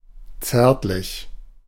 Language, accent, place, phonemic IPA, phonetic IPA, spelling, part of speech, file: German, Germany, Berlin, /ˈt͡sɛʁtlɪç/, [ˈt͡sɛːɐ̯tlɪç], zärtlich, adjective / adverb, De-zärtlich.ogg
- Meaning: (adjective) tender (fond, loving, gentle, sweet); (adverb) tenderly